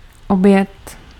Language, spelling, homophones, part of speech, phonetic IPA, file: Czech, oběd, objet, noun, [ˈobjɛt], Cs-oběd.ogg
- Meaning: lunch, meal eaten in the middle of the day (whether it is the main meal or not)